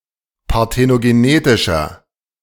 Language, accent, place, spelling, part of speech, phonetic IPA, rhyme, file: German, Germany, Berlin, parthenogenetischer, adjective, [paʁtenoɡeˈneːtɪʃɐ], -eːtɪʃɐ, De-parthenogenetischer.ogg
- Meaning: inflection of parthenogenetisch: 1. strong/mixed nominative masculine singular 2. strong genitive/dative feminine singular 3. strong genitive plural